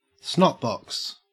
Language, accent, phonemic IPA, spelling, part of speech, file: English, Australia, /ˌsnɒtˈbɒks/, snotbox, noun, En-au-snotbox.ogg
- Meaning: A nose